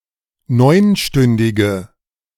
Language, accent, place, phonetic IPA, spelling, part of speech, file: German, Germany, Berlin, [ˈnɔɪ̯nˌʃtʏndɪɡə], neunstündige, adjective, De-neunstündige.ogg
- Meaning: inflection of neunstündig: 1. strong/mixed nominative/accusative feminine singular 2. strong nominative/accusative plural 3. weak nominative all-gender singular